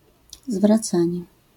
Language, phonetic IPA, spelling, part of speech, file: Polish, [zvraˈt͡sãɲɛ], zwracanie, noun, LL-Q809 (pol)-zwracanie.wav